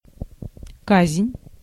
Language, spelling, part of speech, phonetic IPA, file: Russian, казнь, noun, [ˈkazʲ(ɪ)nʲ], Ru-казнь.ogg
- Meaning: 1. execution (putting someone to death) 2. torture, harsh punishment, retribution 3. plague (divine retribution)